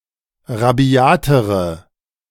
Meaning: inflection of rabiat: 1. strong/mixed nominative/accusative feminine singular comparative degree 2. strong nominative/accusative plural comparative degree
- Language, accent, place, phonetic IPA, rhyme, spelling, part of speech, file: German, Germany, Berlin, [ʁaˈbi̯aːtəʁə], -aːtəʁə, rabiatere, adjective, De-rabiatere.ogg